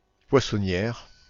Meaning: female equivalent of poissonnier
- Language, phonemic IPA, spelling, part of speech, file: French, /pwa.sɔ.njɛʁ/, poissonnière, noun, Fr-poissonnière.ogg